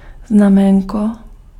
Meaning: 1. sign 2. diminutive of znamení
- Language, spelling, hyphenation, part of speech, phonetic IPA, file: Czech, znaménko, zna‧mén‧ko, noun, [ˈznamɛːŋko], Cs-znaménko.ogg